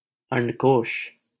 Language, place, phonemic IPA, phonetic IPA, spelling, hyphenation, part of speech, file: Hindi, Delhi, /əɳɖ.koːʂ/, [ɐ̃ɳɖ.koːʃ], अंडकोष, अंड‧कोष, noun, LL-Q1568 (hin)-अंडकोष.wav
- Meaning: scrotum